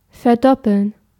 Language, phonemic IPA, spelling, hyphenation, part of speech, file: German, /fɛɐ̯ˈdɔpl̩n/, verdoppeln, ver‧dop‧peln, verb, De-verdoppeln.ogg
- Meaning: to double, redouble